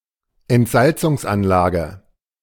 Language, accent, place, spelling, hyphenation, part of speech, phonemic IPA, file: German, Germany, Berlin, Entsalzungsanlage, Ent‧sal‧zungs‧an‧la‧ge, noun, /ɛntˈzaltsʊŋs.anlaːɡə/, De-Entsalzungsanlage.ogg
- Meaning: desalination plant